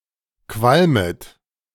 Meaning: second-person plural subjunctive I of qualmen
- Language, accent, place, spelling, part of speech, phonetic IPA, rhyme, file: German, Germany, Berlin, qualmet, verb, [ˈkvalmət], -almət, De-qualmet.ogg